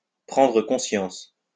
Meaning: to realize (become aware)
- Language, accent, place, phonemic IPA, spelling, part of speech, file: French, France, Lyon, /pʁɑ̃.dʁə kɔ̃.sjɑ̃s/, prendre conscience, verb, LL-Q150 (fra)-prendre conscience.wav